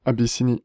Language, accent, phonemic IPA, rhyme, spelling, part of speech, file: French, France, /a.bi.si.ni/, -i, Abyssinie, proper noun, Fr-Abyssinie.ogg
- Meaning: Abyssinia (former name of Ethiopia: a country and former empire in East Africa; used as an exonym until the mid 20th century)